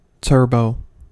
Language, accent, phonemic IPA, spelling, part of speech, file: English, US, /ˈtɝ.boʊ/, turbo, noun / adjective / verb, En-us-turbo.ogg
- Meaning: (noun) 1. A turbine 2. Clipping of turbocharger 3. Clipping of turbojet 4. Clipping of turbomolecular pump 5. Autofire; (adjective) With rapidly-increasing blind levels